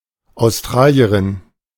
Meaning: female person from Australia
- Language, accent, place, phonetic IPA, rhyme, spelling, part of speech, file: German, Germany, Berlin, [aʊ̯sˈtʁaːli̯əʁɪn], -aːli̯əʁɪn, Australierin, noun, De-Australierin.ogg